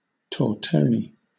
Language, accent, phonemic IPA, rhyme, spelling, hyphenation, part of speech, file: English, Southern England, /tɔːˈtəʊni/, -əʊni, tortoni, tor‧to‧ni, noun, LL-Q1860 (eng)-tortoni.wav
- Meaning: Any of several sorts of ice-cream flavoured with rum or sherry, often containing chopped cherries and topped with almonds, crumbled macaroons, etc